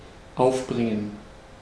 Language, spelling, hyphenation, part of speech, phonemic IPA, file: German, aufbringen, auf‧brin‧gen, verb, /ˈaʊfˌbʁɪŋən/, De-aufbringen.ogg
- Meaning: 1. to find, muster, summon up 2. to exasperate, get angry 3. to anger 4. to get (a door etc.) open; to open (by putting in considerable effort) 5. to capture (a ship etc.)